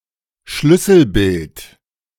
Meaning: keyframe
- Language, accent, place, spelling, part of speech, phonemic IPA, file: German, Germany, Berlin, Schlüsselbild, noun, /ˈʃlʏsl̩bɪlt/, De-Schlüsselbild.ogg